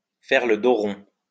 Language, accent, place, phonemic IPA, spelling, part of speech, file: French, France, Lyon, /fɛʁ lə do ʁɔ̃/, faire le dos rond, verb, LL-Q150 (fra)-faire le dos rond.wav
- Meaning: to hunker down; to ride the storm out; to hold still until the storm is over; to wait and see; to grin and bear it